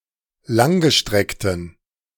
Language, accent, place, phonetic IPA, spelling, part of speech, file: German, Germany, Berlin, [ˈlaŋɡəˌʃtʁɛktən], langgestreckten, adjective, De-langgestreckten.ogg
- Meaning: inflection of langgestreckt: 1. strong genitive masculine/neuter singular 2. weak/mixed genitive/dative all-gender singular 3. strong/weak/mixed accusative masculine singular 4. strong dative plural